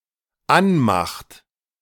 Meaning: inflection of anmachen: 1. third-person singular dependent present 2. second-person plural dependent present
- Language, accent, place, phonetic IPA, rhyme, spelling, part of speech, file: German, Germany, Berlin, [ˈanˌmaxt], -anmaxt, anmacht, verb, De-anmacht.ogg